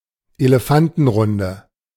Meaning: A televised debate or discussion with the leaders of the major political parties
- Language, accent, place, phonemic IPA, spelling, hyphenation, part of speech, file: German, Germany, Berlin, /eleˈfantn̩ˌʁʊndə/, Elefantenrunde, Ele‧fan‧ten‧run‧de, noun, De-Elefantenrunde.ogg